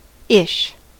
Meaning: 1. Typical of, similar to, being like 2. Somewhat, rather 3. About, approximately 4. Of, belonging, or relating to (a nationality, place, language or similar association with something)
- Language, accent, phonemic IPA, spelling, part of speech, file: English, US, /ɪʃ/, -ish, suffix, En-us--ish.ogg